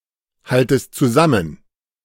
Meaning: second-person singular subjunctive I of zusammenhalten
- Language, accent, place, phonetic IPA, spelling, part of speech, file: German, Germany, Berlin, [ˌhaltəst t͡suˈzamən], haltest zusammen, verb, De-haltest zusammen.ogg